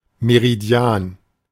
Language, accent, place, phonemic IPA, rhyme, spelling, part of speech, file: German, Germany, Berlin, /meʁiˈdi̯aːn/, -aːn, Meridian, noun, De-Meridian.ogg
- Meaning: meridian